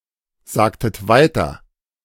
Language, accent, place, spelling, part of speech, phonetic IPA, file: German, Germany, Berlin, sagtet weiter, verb, [ˌzaːktət ˈvaɪ̯tɐ], De-sagtet weiter.ogg
- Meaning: inflection of weitersagen: 1. second-person plural preterite 2. second-person plural subjunctive II